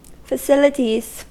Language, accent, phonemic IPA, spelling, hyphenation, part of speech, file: English, US, /fəˈsɪlɪdiz/, facilities, fa‧cil‧i‧ties, noun, En-us-facilities.ogg
- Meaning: 1. plural of facility 2. Synonym of facility in certain contexts 3. Facilities for urination and defecation: a toilet; a lavatory